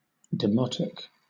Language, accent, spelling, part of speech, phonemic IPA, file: English, Southern England, demotic, adjective / noun, /dɪˈmɒt.ɪk/, LL-Q1860 (eng)-demotic.wav
- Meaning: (adjective) Of or for the common people